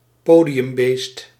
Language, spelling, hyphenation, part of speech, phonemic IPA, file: Dutch, podiumbeest, po‧di‧um‧beest, noun, /ˈpoː.di.ʏmˌbeːst/, Nl-podiumbeest.ogg
- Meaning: someone who enjoys being on stage and is often on stage